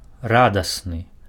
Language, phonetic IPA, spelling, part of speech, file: Belarusian, [ˈradasnɨ], радасны, adjective, Be-радасны.ogg
- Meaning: happy, glad, contented